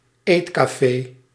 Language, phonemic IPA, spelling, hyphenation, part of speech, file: Dutch, /ˈeːt.kaːˌfeː/, eetcafé, eet‧ca‧fé, noun, Nl-eetcafé.ogg
- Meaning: a bistro, a diner